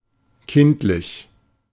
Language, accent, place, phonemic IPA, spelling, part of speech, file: German, Germany, Berlin, /ˈkɪntlɪç/, kindlich, adjective, De-kindlich.ogg
- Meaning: childlike